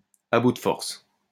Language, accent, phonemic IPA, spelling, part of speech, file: French, France, /a bu d(ə) fɔʁs/, à bout de forces, adjective, LL-Q150 (fra)-à bout de forces.wav
- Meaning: exhausted